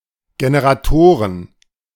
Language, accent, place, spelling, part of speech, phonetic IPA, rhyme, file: German, Germany, Berlin, Generatoren, noun, [ɡenəʁaˈtoːʁən], -oːʁən, De-Generatoren.ogg
- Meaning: plural of Generator